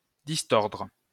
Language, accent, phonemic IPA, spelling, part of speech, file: French, France, /dis.tɔʁdʁ/, distordre, verb, LL-Q150 (fra)-distordre.wav
- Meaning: to distort